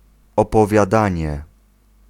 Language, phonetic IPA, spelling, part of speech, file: Polish, [ˌɔpɔvʲjaˈdãɲɛ], opowiadanie, noun, Pl-opowiadanie.ogg